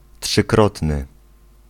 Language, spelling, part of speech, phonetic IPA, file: Polish, trzykrotny, adjective, [ṭʃɨˈkrɔtnɨ], Pl-trzykrotny.ogg